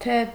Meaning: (conjunction) 1. that 2. or 3. if 4. so that, in order to 5. as well as, both ... and ...; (particle) serves as an interrogative particle
- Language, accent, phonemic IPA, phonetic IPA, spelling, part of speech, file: Armenian, Eastern Armenian, /tʰe/, [tʰe], թե, conjunction / particle, Hy-թե.ogg